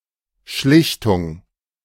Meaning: mediation
- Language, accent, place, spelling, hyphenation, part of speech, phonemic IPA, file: German, Germany, Berlin, Schlichtung, Schlich‧tung, noun, /ˈʃlɪçtʊŋ/, De-Schlichtung.ogg